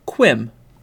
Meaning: 1. The female genitalia; the vulva 2. An extremely unpleasant or objectionable person
- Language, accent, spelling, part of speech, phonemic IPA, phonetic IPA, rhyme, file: English, Received Pronunciation, quim, noun, /kwɪm/, [kʰw̥ɪm], -ɪm, En-uk-quim.ogg